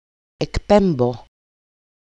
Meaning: 1. to transmit, broadcast 2. to radiate, emit
- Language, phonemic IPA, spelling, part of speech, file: Greek, /ekˈpem.bo/, εκπέμπω, verb, EL-εκπέμπω.ogg